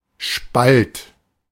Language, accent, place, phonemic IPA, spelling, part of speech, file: German, Germany, Berlin, /ʃpalt/, Spalt, noun, De-Spalt.ogg
- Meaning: 1. crack 2. split, cleavage, fissure